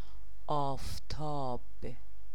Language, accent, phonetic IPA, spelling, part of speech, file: Persian, Iran, [ʔɒːf.t̪ʰɒ́ːb̥], آفتاب, noun, Fa-آفتاب.ogg
- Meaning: 1. sunlight, sunshine 2. sun